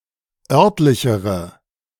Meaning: inflection of örtlich: 1. strong/mixed nominative/accusative feminine singular comparative degree 2. strong nominative/accusative plural comparative degree
- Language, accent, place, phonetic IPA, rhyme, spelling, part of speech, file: German, Germany, Berlin, [ˈœʁtlɪçəʁə], -œʁtlɪçəʁə, örtlichere, adjective, De-örtlichere.ogg